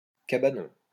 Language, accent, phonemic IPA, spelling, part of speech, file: French, France, /ka.ba.nɔ̃/, cabanon, noun, LL-Q150 (fra)-cabanon.wav
- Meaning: 1. hut 2. (holiday) cottage